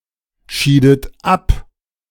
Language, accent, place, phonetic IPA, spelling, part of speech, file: German, Germany, Berlin, [ˌʃiːdət ˈap], schiedet ab, verb, De-schiedet ab.ogg
- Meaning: inflection of abscheiden: 1. second-person plural preterite 2. second-person plural subjunctive II